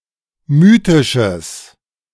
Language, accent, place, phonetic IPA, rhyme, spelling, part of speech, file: German, Germany, Berlin, [ˈmyːtɪʃəs], -yːtɪʃəs, mythisches, adjective, De-mythisches.ogg
- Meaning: strong/mixed nominative/accusative neuter singular of mythisch